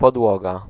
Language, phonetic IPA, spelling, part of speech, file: Polish, [pɔdˈwɔɡa], podłoga, noun, Pl-podłoga.ogg